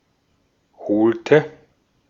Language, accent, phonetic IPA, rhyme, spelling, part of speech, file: German, Austria, [ˈhoːltə], -oːltə, holte, verb, De-at-holte.ogg
- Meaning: inflection of holen: 1. first/third-person singular preterite 2. first/third-person singular subjunctive II